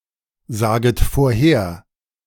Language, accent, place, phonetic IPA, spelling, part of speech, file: German, Germany, Berlin, [ˌzaːɡət foːɐ̯ˈheːɐ̯], saget vorher, verb, De-saget vorher.ogg
- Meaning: second-person plural subjunctive I of vorhersagen